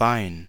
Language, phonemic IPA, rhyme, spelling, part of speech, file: German, /baɪ̯n/, -aɪ̯n, Bein, noun, De-Bein.ogg
- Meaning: 1. leg of a person, animal, or object 2. bone